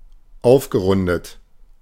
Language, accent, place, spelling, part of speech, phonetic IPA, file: German, Germany, Berlin, aufgerundet, verb, [ˈaʊ̯fɡəˌʁʊndət], De-aufgerundet.ogg
- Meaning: past participle of aufrunden